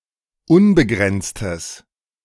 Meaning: strong/mixed nominative/accusative neuter singular of unbegrenzt
- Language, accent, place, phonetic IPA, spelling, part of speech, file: German, Germany, Berlin, [ˈʊnbəˌɡʁɛnt͡stəs], unbegrenztes, adjective, De-unbegrenztes.ogg